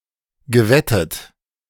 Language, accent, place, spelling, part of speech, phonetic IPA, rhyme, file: German, Germany, Berlin, gewettet, verb, [ɡəˈvɛtət], -ɛtət, De-gewettet.ogg
- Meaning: past participle of wetten